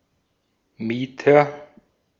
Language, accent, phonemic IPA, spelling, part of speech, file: German, Austria, /ˈmiːtɐ/, Mieter, noun, De-at-Mieter.ogg
- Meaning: 1. renter 2. tenant